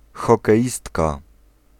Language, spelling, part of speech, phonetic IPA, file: Polish, hokeistka, noun, [ˌxɔkɛˈʲistka], Pl-hokeistka.ogg